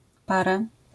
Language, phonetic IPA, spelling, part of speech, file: Polish, [ˈparɛ], parę, numeral / noun, LL-Q809 (pol)-parę.wav